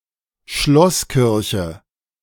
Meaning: castle church
- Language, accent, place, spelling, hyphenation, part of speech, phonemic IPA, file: German, Germany, Berlin, Schlosskirche, Schloss‧kir‧che, noun, /ˈʃlɔsˌkɪʁçə/, De-Schlosskirche.ogg